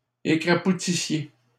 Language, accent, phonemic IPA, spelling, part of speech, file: French, Canada, /e.kʁa.pu.ti.sje/, écrapoutissiez, verb, LL-Q150 (fra)-écrapoutissiez.wav
- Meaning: inflection of écrapoutir: 1. second-person plural imperfect indicative 2. second-person plural present/imperfect subjunctive